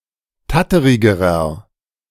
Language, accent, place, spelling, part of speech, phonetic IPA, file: German, Germany, Berlin, tatterigerer, adjective, [ˈtatəʁɪɡəʁɐ], De-tatterigerer.ogg
- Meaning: inflection of tatterig: 1. strong/mixed nominative masculine singular comparative degree 2. strong genitive/dative feminine singular comparative degree 3. strong genitive plural comparative degree